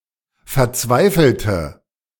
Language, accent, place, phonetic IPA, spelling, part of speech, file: German, Germany, Berlin, [fɛɐ̯ˈt͡svaɪ̯fl̩tə], verzweifelte, adjective / verb, De-verzweifelte.ogg
- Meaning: inflection of verzweifeln: 1. first/third-person singular preterite 2. first/third-person singular subjunctive II